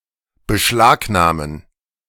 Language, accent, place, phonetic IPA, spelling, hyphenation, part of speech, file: German, Germany, Berlin, [bəˈʃlaːknaːmən], beschlagnahmen, be‧schlag‧nah‧men, verb, De-beschlagnahmen.ogg
- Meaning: to seize, to confiscate, to impound by the power of law